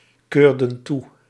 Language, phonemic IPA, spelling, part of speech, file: Dutch, /ˈkørdə(n) ˈɣut/, keurden goed, verb, Nl-keurden goed.ogg
- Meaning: inflection of goedkeuren: 1. plural past indicative 2. plural past subjunctive